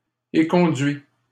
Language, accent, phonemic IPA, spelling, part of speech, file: French, Canada, /e.kɔ̃.dɥi/, éconduis, verb, LL-Q150 (fra)-éconduis.wav
- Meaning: inflection of éconduire: 1. first/second-person singular present indicative 2. second-person singular imperative